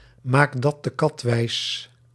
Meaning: Sarcastically indicates skepticism on the part of the speaker
- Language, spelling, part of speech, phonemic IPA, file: Dutch, maak dat de kat wijs, interjection, /ˌmaːk ˈdɑt də ˈkɑt ˈʋɛi̯s/, Nl-maak dat de kat wijs.ogg